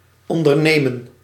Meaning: to undertake (an enterprise)
- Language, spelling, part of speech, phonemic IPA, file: Dutch, ondernemen, verb, /ˌɔn.dərˈneː.mə(n)/, Nl-ondernemen.ogg